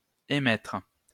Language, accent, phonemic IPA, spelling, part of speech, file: French, France, /e.mɛtʁ/, émettre, verb, LL-Q150 (fra)-émettre.wav
- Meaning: 1. to emit 2. to state, to express 3. to issue